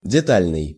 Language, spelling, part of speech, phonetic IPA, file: Russian, детальный, adjective, [dʲɪˈtalʲnɨj], Ru-детальный.ogg
- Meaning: detailed, minute